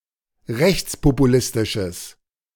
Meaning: strong/mixed nominative/accusative neuter singular of rechtspopulistisch
- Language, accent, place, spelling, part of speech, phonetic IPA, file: German, Germany, Berlin, rechtspopulistisches, adjective, [ˈʁɛçt͡spopuˌlɪstɪʃəs], De-rechtspopulistisches.ogg